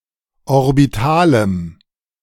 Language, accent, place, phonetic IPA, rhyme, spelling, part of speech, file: German, Germany, Berlin, [ɔʁbiˈtaːləm], -aːləm, orbitalem, adjective, De-orbitalem.ogg
- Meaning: strong dative masculine/neuter singular of orbital